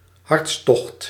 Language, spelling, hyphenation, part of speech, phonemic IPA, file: Dutch, hartstocht, harts‧tocht, noun, /ˈɦɑrtsˌtɔxt/, Nl-hartstocht.ogg
- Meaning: passion